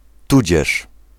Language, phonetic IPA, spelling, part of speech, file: Polish, [ˈtud͡ʑɛʃ], tudzież, conjunction, Pl-tudzież.ogg